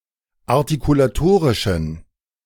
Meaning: inflection of artikulatorisch: 1. strong genitive masculine/neuter singular 2. weak/mixed genitive/dative all-gender singular 3. strong/weak/mixed accusative masculine singular 4. strong dative plural
- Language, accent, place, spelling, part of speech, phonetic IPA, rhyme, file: German, Germany, Berlin, artikulatorischen, adjective, [aʁtikulaˈtoːʁɪʃn̩], -oːʁɪʃn̩, De-artikulatorischen.ogg